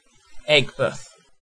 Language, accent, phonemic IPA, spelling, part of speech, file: English, UK, /ˈɛɡbəθ/, Aigburth, proper noun, En-uk-Aigburth.ogg
- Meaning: A southern suburb of Liverpool, Merseyside, England. (OS grid ref SJ3885)